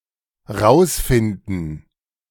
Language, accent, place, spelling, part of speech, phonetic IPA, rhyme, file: German, Germany, Berlin, rausfinden, verb, [ˈʁaʊ̯sˌfɪndn̩], -aʊ̯sfɪndn̩, De-rausfinden.ogg
- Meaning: clipping of herausfinden